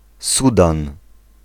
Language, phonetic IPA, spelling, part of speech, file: Polish, [ˈsudãn], Sudan, proper noun, Pl-Sudan.ogg